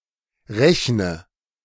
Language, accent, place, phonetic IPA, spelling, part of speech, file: German, Germany, Berlin, [ˈʁɛçnə], rechne, verb, De-rechne.ogg
- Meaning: inflection of rechnen: 1. first-person singular present 2. first/third-person singular subjunctive I 3. singular imperative